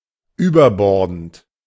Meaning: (verb) present participle of überborden; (adjective) excessive
- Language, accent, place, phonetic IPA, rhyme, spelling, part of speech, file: German, Germany, Berlin, [yːbɐˈbɔʁdn̩t], -ɔʁdn̩t, überbordend, adjective / verb, De-überbordend.ogg